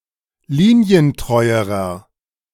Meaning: inflection of linientreu: 1. strong/mixed nominative masculine singular comparative degree 2. strong genitive/dative feminine singular comparative degree 3. strong genitive plural comparative degree
- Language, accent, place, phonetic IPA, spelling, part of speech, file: German, Germany, Berlin, [ˈliːni̯ənˌtʁɔɪ̯əʁɐ], linientreuerer, adjective, De-linientreuerer.ogg